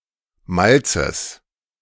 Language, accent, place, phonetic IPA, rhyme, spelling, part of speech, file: German, Germany, Berlin, [ˈmalt͡səs], -alt͡səs, Malzes, noun, De-Malzes.ogg
- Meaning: genitive singular of Malz